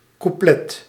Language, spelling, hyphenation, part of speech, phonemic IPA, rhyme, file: Dutch, couplet, cou‧plet, noun, /kuˈplɛt/, -ɛt, Nl-couplet.ogg
- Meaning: verse of a song